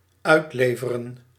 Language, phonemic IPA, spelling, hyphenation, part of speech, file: Dutch, /ˈœy̯tˌleː.və.rə(n)/, uitleveren, uit‧le‧ve‧ren, verb, Nl-uitleveren.ogg
- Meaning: to extradite (to remove a person from one jurisdiction to another by legal process)